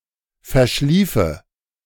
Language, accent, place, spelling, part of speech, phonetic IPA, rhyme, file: German, Germany, Berlin, verschliefe, verb, [fɛɐ̯ˈʃliːfə], -iːfə, De-verschliefe.ogg
- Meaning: first/third-person singular subjunctive II of verschlafen